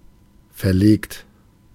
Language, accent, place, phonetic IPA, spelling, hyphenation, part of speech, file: German, Germany, Berlin, [fɛɐ̯ˈleːkt], verlegt, ver‧legt, verb / adjective, De-verlegt.ogg
- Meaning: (verb) past participle of verlegen; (adjective) 1. installed, transferred 2. relocated, transferred 3. misplaced, mislaid 4. rescheduled, postponed, adjourned 5. published